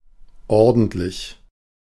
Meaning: 1. tidy, orderly 2. honest, decent 3. good, proper, big, large, considerable 4. proper, big, large
- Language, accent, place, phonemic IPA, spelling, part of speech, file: German, Germany, Berlin, /ˈɔʁdəntlɪç/, ordentlich, adjective, De-ordentlich.ogg